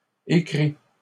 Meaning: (verb) masculine plural of écrit; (noun) plural of écrit
- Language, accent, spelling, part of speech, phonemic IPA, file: French, Canada, écrits, verb / noun, /e.kʁi/, LL-Q150 (fra)-écrits.wav